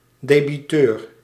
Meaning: a debtor, party with a debit (due) on an account
- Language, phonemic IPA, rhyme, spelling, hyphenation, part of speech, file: Dutch, /deːbiˈtøːr/, -øːr, debiteur, de‧bi‧teur, noun, Nl-debiteur.ogg